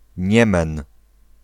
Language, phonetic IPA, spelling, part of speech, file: Polish, [ˈɲɛ̃mɛ̃n], Niemen, proper noun, Pl-Niemen.ogg